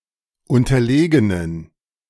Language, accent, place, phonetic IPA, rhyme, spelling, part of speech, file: German, Germany, Berlin, [ˌʊntɐˈleːɡənən], -eːɡənən, unterlegenen, adjective, De-unterlegenen.ogg
- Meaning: inflection of unterlegen: 1. strong genitive masculine/neuter singular 2. weak/mixed genitive/dative all-gender singular 3. strong/weak/mixed accusative masculine singular 4. strong dative plural